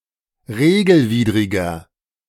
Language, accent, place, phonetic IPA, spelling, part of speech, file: German, Germany, Berlin, [ˈʁeːɡl̩ˌviːdʁɪɡɐ], regelwidriger, adjective, De-regelwidriger.ogg
- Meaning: inflection of regelwidrig: 1. strong/mixed nominative masculine singular 2. strong genitive/dative feminine singular 3. strong genitive plural